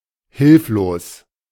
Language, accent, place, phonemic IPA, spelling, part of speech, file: German, Germany, Berlin, /ˈhɪlfloːs/, hilflos, adjective / adverb, De-hilflos.ogg
- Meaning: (adjective) helpless; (adverb) helplessly